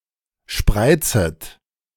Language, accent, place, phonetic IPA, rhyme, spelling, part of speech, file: German, Germany, Berlin, [ˈʃpʁaɪ̯t͡sət], -aɪ̯t͡sət, spreizet, verb, De-spreizet.ogg
- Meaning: second-person plural subjunctive I of spreizen